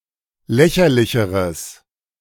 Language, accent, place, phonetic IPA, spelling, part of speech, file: German, Germany, Berlin, [ˈlɛçɐlɪçəʁəs], lächerlicheres, adjective, De-lächerlicheres.ogg
- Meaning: strong/mixed nominative/accusative neuter singular comparative degree of lächerlich